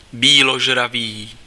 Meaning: herbivorous
- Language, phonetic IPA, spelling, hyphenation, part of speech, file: Czech, [ˈbiːloʒraviː], býložravý, bý‧lo‧žra‧vý, adjective, Cs-býložravý.ogg